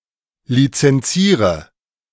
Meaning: inflection of lizenzieren: 1. first-person singular present 2. singular imperative 3. first/third-person singular subjunctive I
- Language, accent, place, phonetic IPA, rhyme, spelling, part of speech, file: German, Germany, Berlin, [lit͡sɛnˈt͡siːʁə], -iːʁə, lizenziere, verb, De-lizenziere.ogg